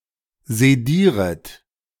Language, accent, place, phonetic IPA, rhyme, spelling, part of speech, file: German, Germany, Berlin, [zeˈdiːʁət], -iːʁət, sedieret, verb, De-sedieret.ogg
- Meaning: second-person plural subjunctive I of sedieren